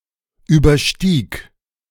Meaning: first/third-person singular preterite of übersteigen
- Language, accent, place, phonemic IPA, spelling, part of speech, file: German, Germany, Berlin, /ˌyːbɐˈʃtiːk/, überstieg, verb, De-überstieg.ogg